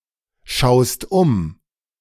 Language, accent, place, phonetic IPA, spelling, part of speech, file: German, Germany, Berlin, [ˌʃaʊ̯st ˈʊm], schaust um, verb, De-schaust um.ogg
- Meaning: second-person singular present of umschauen